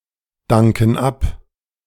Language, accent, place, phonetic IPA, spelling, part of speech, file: German, Germany, Berlin, [ˌdaŋkn̩ ˈap], danken ab, verb, De-danken ab.ogg
- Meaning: inflection of abdanken: 1. first/third-person plural present 2. first/third-person plural subjunctive I